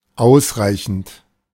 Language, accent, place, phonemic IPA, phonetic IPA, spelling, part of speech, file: German, Germany, Berlin, /ˈʔaʊ̯sˌʁaɪ̯çənt/, [ˈʔaʊ̯sˌʁaɪ̯çn̩t], ausreichend, verb / adjective / adverb, De-ausreichend.ogg
- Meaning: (verb) present participle of ausreichen; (adjective) 1. sufficient, enough, adequate 2. being of an academic grade just above passing, D; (adverb) sufficiently, enough